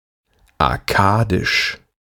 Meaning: Akkadian (related to the ancient city or empire of Akkad)
- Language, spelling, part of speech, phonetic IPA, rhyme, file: German, akkadisch, adjective, [aˈkaːdɪʃ], -aːdɪʃ, De-akkadisch.ogg